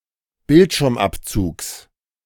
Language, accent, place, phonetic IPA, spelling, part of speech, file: German, Germany, Berlin, [ˈbɪltʃɪʁmˌʔapt͡suːks], Bildschirmabzugs, noun, De-Bildschirmabzugs.ogg
- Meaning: genitive singular of Bildschirmabzug